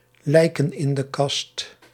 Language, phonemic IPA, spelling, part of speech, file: Dutch, /ˈlɛikə(n) ˌɪndəˈkast/, lijken in de kast, noun, Nl-lijken in de kast.ogg
- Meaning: plural of lijk in de kast